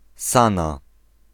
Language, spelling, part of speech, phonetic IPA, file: Polish, Sana, proper noun, [ˈsãna], Pl-Sana.ogg